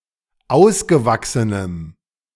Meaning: strong dative masculine/neuter singular of ausgewachsen
- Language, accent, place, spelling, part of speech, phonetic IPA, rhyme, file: German, Germany, Berlin, ausgewachsenem, adjective, [ˈaʊ̯sɡəˌvaksənəm], -aʊ̯sɡəvaksənəm, De-ausgewachsenem.ogg